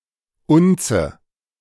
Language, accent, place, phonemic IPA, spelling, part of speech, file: German, Germany, Berlin, /ˈʊnt͡sə/, Unze, noun, De-Unze.ogg
- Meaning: ounce